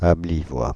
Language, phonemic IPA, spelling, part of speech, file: French, /ab.vi.lwa/, Abbevillois, noun, Fr-Abbevillois.ogg
- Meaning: resident or native of the French city of Abbeville